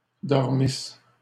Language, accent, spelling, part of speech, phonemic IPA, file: French, Canada, dormisses, verb, /dɔʁ.mis/, LL-Q150 (fra)-dormisses.wav
- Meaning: second-person singular imperfect subjunctive of dormir